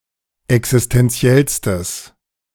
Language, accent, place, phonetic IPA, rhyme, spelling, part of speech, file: German, Germany, Berlin, [ɛksɪstɛnˈt͡si̯ɛlstəs], -ɛlstəs, existenziellstes, adjective, De-existenziellstes.ogg
- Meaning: strong/mixed nominative/accusative neuter singular superlative degree of existenziell